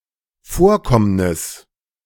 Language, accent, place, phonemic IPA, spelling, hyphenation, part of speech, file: German, Germany, Berlin, /ˈfoːɐ̯ˌkɔmnɪs/, Vorkommnis, Vor‧komm‧nis, noun, De-Vorkommnis.ogg
- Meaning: incident (anything noteworthy happening that goes beyond pure routine)